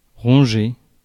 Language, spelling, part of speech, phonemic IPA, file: French, ronger, verb, /ʁɔ̃.ʒe/, Fr-ronger.ogg
- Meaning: 1. to gnaw 2. to erode, to eat at